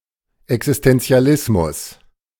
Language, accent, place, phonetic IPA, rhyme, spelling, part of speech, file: German, Germany, Berlin, [ɛksɪstɛnt͡si̯aˈlɪsmʊs], -ɪsmʊs, Existenzialismus, noun, De-Existenzialismus.ogg
- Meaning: alternative spelling of Existentialismus